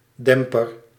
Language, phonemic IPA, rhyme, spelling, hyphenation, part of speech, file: Dutch, /ˈdɛm.pər/, -ɛmpər, demper, dem‧per, noun, Nl-demper.ogg
- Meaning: 1. damper 2. suppressor, silencer